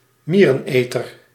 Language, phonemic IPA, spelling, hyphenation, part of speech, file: Dutch, /ˈmiː.rə(n)ˌeː.tər/, miereneter, mie‧ren‧eter, noun, Nl-miereneter.ogg
- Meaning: anteater